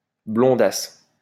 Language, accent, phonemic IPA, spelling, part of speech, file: French, France, /blɔ̃.das/, blondasse, noun, LL-Q150 (fra)-blondasse.wav
- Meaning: blonde, dumb blonde